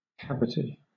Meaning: A hole or hollow depression in a solid object.: 1. A hollow area within the body 2. The female part of a mold: the depression itself or (metonymically) the half of the mold that contains it
- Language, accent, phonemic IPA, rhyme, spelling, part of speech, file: English, Southern England, /ˈkæv.ɪt.i/, -ævɪti, cavity, noun, LL-Q1860 (eng)-cavity.wav